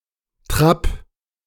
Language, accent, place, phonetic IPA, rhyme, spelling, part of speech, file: German, Germany, Berlin, [tʁaːp], -aːp, Trab, noun, De-Trab.ogg
- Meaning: trot (horse gait)